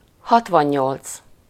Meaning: sixty-eight
- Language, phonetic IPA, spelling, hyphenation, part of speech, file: Hungarian, [ˈhɒtvɒɲːolt͡s], hatvannyolc, hat‧van‧nyolc, numeral, Hu-hatvannyolc.ogg